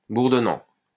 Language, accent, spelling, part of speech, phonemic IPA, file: French, France, bourdonnant, verb / adjective, /buʁ.dɔ.nɑ̃/, LL-Q150 (fra)-bourdonnant.wav
- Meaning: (verb) present participle of bourdonner; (adjective) buzzing